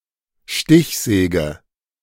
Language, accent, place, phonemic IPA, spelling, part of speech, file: German, Germany, Berlin, /ˈʃtɪçˌzɛːɡə/, Stichsäge, noun, De-Stichsäge.ogg
- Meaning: 1. jigsaw (tool) 2. keyhole saw, pad saw